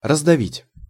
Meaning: 1. to crush, to squash 2. to overwhelm 3. to suppress
- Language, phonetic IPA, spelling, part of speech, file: Russian, [rəzdɐˈvʲitʲ], раздавить, verb, Ru-раздавить.ogg